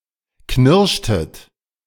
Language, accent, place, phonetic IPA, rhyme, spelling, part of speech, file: German, Germany, Berlin, [ˈknɪʁʃtət], -ɪʁʃtət, knirschtet, verb, De-knirschtet.ogg
- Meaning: inflection of knirschen: 1. second-person plural preterite 2. second-person plural subjunctive II